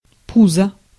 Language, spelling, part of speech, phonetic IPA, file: Russian, пузо, noun, [ˈpuzə], Ru-пузо.ogg
- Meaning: belly